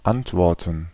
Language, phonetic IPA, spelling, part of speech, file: German, [ˈantˌvɔʁtn̩], Antworten, noun, De-Antworten.ogg
- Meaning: 1. gerund of antworten 2. plural of Antwort